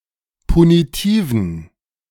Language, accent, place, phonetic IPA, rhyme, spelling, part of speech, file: German, Germany, Berlin, [puniˈtiːvn̩], -iːvn̩, punitiven, adjective, De-punitiven.ogg
- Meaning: inflection of punitiv: 1. strong genitive masculine/neuter singular 2. weak/mixed genitive/dative all-gender singular 3. strong/weak/mixed accusative masculine singular 4. strong dative plural